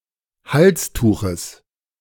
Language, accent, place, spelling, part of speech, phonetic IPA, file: German, Germany, Berlin, Halstuches, noun, [ˈhalsˌtuːxəs], De-Halstuches.ogg
- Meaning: genitive singular of Halstuch